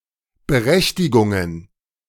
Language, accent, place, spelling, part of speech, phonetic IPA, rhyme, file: German, Germany, Berlin, Berechtigungen, noun, [bəˈʁɛçtɪɡʊŋən], -ɛçtɪɡʊŋən, De-Berechtigungen.ogg
- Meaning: plural of Berechtigung